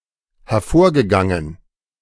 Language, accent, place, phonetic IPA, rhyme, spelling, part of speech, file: German, Germany, Berlin, [hɛɐ̯ˈfoːɐ̯ɡəˌɡaŋən], -oːɐ̯ɡəɡaŋən, hervorgegangen, verb, De-hervorgegangen.ogg
- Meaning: past participle of hervorgehen